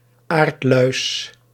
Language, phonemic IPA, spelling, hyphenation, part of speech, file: Dutch, /ˈaːrt.lœy̯s/, aardluis, aard‧luis, noun, Nl-aardluis.ogg
- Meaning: Old popular name for several beetle species that live on leaves, generally from the Chrysomeloidea